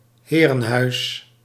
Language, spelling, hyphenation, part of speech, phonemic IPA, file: Dutch, herenhuis, he‧ren‧huis, noun, /ˈɦeː.rə(n)ˌɦœy̯s/, Nl-herenhuis.ogg
- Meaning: tall townhouse, often imposing and originally belonging to the elite